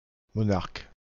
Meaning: monarch
- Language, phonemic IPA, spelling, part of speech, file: French, /mɔ.naʁk/, monarque, noun, Fr-monarque.ogg